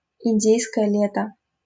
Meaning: Indian summer
- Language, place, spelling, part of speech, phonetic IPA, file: Russian, Saint Petersburg, индейское лето, noun, [ɪnʲˈdʲejskəjə ˈlʲetə], LL-Q7737 (rus)-индейское лето.wav